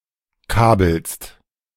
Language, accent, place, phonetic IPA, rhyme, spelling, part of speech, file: German, Germany, Berlin, [ˈkaːbl̩st], -aːbl̩st, kabelst, verb, De-kabelst.ogg
- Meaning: second-person singular present of kabeln